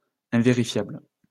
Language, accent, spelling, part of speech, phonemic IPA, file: French, France, invérifiable, adjective, /ɛ̃.ve.ʁi.fjabl/, LL-Q150 (fra)-invérifiable.wav
- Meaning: unverifiable